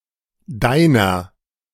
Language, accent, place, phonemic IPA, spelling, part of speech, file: German, Germany, Berlin, /ˈdaɪ̯nɐ/, deiner, pronoun / determiner, De-deiner.ogg
- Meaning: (pronoun) 1. yours, thine (substantival possessive) 2. genitive of du; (determiner) inflection of dein: 1. genitive/dative feminine singular 2. genitive plural